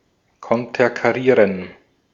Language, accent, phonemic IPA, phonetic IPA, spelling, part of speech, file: German, Austria, /kɔntəʁkaˈʁiːʁən/, [kʰɔntʰɐkʰaˈʁiːɐ̯n], konterkarieren, verb, De-at-konterkarieren.ogg
- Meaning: to thwart